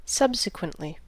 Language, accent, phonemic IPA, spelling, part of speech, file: English, US, /ˈsʌb.sɪ.kwənt.li/, subsequently, adverb, En-us-subsequently.ogg
- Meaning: 1. Following, afterwards in either time or place 2. Accordingly, therefore (implying a logical connection or deduction), consequently